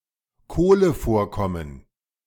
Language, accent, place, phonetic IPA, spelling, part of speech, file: German, Germany, Berlin, [ˈkoːləˌfoːɐ̯kɔmən], Kohlevorkommen, noun, De-Kohlevorkommen.ogg
- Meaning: coal deposit(s)